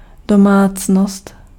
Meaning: household
- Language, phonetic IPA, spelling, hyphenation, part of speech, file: Czech, [ˈdomaːt͡snost], domácnost, do‧mác‧nost, noun, Cs-domácnost.ogg